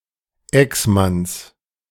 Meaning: genitive of Exmann
- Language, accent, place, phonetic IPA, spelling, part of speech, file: German, Germany, Berlin, [ˈɛksˌmans], Exmanns, noun, De-Exmanns.ogg